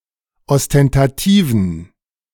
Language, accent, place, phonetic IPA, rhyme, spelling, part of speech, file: German, Germany, Berlin, [ɔstɛntaˈtiːvn̩], -iːvn̩, ostentativen, adjective, De-ostentativen.ogg
- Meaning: inflection of ostentativ: 1. strong genitive masculine/neuter singular 2. weak/mixed genitive/dative all-gender singular 3. strong/weak/mixed accusative masculine singular 4. strong dative plural